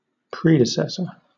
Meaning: One who precedes; one who has preceded another in any state, position, office, etc.; one whom another follows or comes after, in any office or position
- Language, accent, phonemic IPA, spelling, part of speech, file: English, Southern England, /ˈpɹiːdɪsɛsə(ɹ)/, predecessor, noun, LL-Q1860 (eng)-predecessor.wav